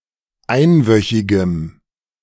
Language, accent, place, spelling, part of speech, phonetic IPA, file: German, Germany, Berlin, einwöchigem, adjective, [ˈaɪ̯nˌvœçɪɡəm], De-einwöchigem.ogg
- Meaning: strong dative masculine/neuter singular of einwöchig